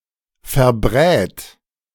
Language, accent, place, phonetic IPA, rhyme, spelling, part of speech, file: German, Germany, Berlin, [fɛɐ̯ˈbʁɛːt], -ɛːt, verbrät, verb, De-verbrät.ogg
- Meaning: third-person singular present of verbraten